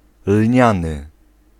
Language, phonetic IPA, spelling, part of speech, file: Polish, [ˈlʲɲãnɨ], lniany, adjective, Pl-lniany.ogg